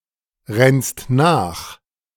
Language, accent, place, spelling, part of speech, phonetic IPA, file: German, Germany, Berlin, rennst nach, verb, [ˌʁɛnst ˈnaːx], De-rennst nach.ogg
- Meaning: second-person singular present of nachrennen